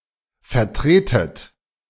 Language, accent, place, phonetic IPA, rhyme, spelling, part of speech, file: German, Germany, Berlin, [fɛɐ̯ˈtʁeːtət], -eːtət, vertretet, verb, De-vertretet.ogg
- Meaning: inflection of vertreten: 1. second-person plural present 2. second-person plural subjunctive I 3. plural imperative